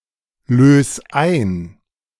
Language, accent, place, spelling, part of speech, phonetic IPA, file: German, Germany, Berlin, lös ein, verb, [ˌløːs ˈaɪ̯n], De-lös ein.ogg
- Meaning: 1. singular imperative of einlösen 2. first-person singular present of einlösen